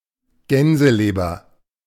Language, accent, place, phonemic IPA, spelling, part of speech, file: German, Germany, Berlin, /ˈɡɛnzəˌleːbɐ/, Gänseleber, noun, De-Gänseleber.ogg
- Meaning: goose liver